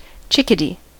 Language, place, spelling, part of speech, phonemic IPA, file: English, California, chickadee, noun, /ˈt͡ʃɪk.əˌdi/, En-us-chickadee.ogg
- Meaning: 1. Any of the small, mostly black and white North American songbirds of the genus Poecile of the family Paridae 2. Affectionate term of address